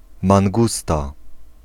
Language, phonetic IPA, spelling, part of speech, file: Polish, [mãŋˈɡusta], mangusta, noun, Pl-mangusta.ogg